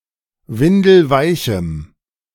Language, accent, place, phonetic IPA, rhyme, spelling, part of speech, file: German, Germany, Berlin, [ˈvɪndl̩ˈvaɪ̯çm̩], -aɪ̯çm̩, windelweichem, adjective, De-windelweichem.ogg
- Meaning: strong dative masculine/neuter singular of windelweich